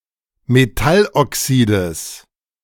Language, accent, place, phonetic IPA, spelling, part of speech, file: German, Germany, Berlin, [meˈtalʔɔˌksiːdəs], Metalloxides, noun, De-Metalloxides.ogg
- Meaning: genitive singular of Metalloxid